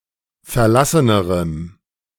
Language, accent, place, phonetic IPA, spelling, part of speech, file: German, Germany, Berlin, [fɛɐ̯ˈlasənəʁəm], verlassenerem, adjective, De-verlassenerem.ogg
- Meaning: strong dative masculine/neuter singular comparative degree of verlassen